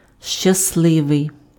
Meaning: happy; lucky
- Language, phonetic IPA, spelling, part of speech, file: Ukrainian, [ʃt͡ʃɐsˈɫɪʋei̯], щасливий, adjective, Uk-щасливий.ogg